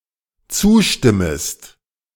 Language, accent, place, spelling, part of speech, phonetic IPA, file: German, Germany, Berlin, zustimmest, verb, [ˈt͡suːˌʃtɪməst], De-zustimmest.ogg
- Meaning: second-person singular dependent subjunctive I of zustimmen